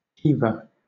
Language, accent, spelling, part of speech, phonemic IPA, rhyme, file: English, Southern England, heaver, noun, /ˈhiːvə(ɹ)/, -iːvə(ɹ), LL-Q1860 (eng)-heaver.wav
- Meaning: 1. One who, or that which, heaves or lifts; a laborer employed on docks in handling freight 2. A bar used as a lever